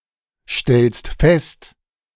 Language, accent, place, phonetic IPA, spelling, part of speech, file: German, Germany, Berlin, [ˌʃtɛlst ˈfɛst], stellst fest, verb, De-stellst fest.ogg
- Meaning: second-person singular present of feststellen